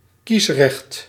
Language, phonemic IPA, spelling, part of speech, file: Dutch, /ˈkisrɛxt/, kiesrecht, noun, Nl-kiesrecht.ogg
- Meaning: 1. the legislation governing the electoral process 2. the right to vote, suffrage